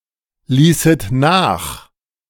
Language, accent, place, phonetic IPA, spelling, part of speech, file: German, Germany, Berlin, [ˌliːsət ˈnaːx], ließet nach, verb, De-ließet nach.ogg
- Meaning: second-person plural subjunctive II of nachlassen